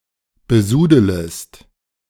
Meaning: second-person singular subjunctive I of besudeln
- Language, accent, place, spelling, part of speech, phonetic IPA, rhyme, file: German, Germany, Berlin, besudelest, verb, [bəˈzuːdələst], -uːdələst, De-besudelest.ogg